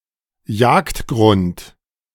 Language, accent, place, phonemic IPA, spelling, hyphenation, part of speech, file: German, Germany, Berlin, /ˈjaːktˌɡʁʊnt/, Jagdgrund, Jagd‧grund, noun, De-Jagdgrund.ogg
- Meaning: hunting ground